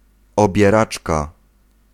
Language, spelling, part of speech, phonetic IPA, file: Polish, obieraczka, noun, [ˌɔbʲjɛˈrat͡ʃka], Pl-obieraczka.ogg